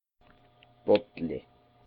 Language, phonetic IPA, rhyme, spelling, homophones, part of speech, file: Icelandic, [ˈpɔtlɪ], -ɔtlɪ, bolli, Bolli, noun, Is-bolli.oga
- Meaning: drinking cup